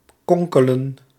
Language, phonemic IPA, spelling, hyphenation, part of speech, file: Dutch, /ˈkɔŋ.kə.lə(n)/, konkelen, kon‧ke‧len, verb, Nl-konkelen.ogg
- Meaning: 1. to engage in intrigue, to deceive, to act dishonestly 2. to screw around, to bungle, to fiddle around 3. to gossip, to tattle